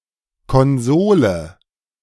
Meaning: 1. console 2. corbel 3. shelf bracket
- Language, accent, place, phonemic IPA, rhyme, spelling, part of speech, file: German, Germany, Berlin, /ˌkɔnˈzoːlə/, -oːlə, Konsole, noun, De-Konsole.ogg